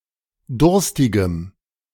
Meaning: strong dative masculine/neuter singular of durstig
- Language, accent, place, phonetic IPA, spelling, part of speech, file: German, Germany, Berlin, [ˈdʊʁstɪɡəm], durstigem, adjective, De-durstigem.ogg